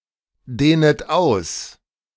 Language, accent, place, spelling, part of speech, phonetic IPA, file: German, Germany, Berlin, dehnet aus, verb, [ˌdeːnət ˈaʊ̯s], De-dehnet aus.ogg
- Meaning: second-person plural subjunctive I of ausdehnen